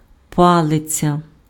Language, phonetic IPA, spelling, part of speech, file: Ukrainian, [ˈpaɫet͡sʲɐ], палиця, noun, Uk-палиця.ogg
- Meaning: 1. stick 2. club, cudgel